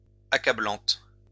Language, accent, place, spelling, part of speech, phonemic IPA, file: French, France, Lyon, accablante, adjective, /a.ka.blɑ̃t/, LL-Q150 (fra)-accablante.wav
- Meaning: feminine singular of accablant